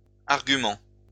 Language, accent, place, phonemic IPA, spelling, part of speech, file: French, France, Lyon, /aʁ.ɡy.mɑ̃/, arguments, noun, LL-Q150 (fra)-arguments.wav
- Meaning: plural of argument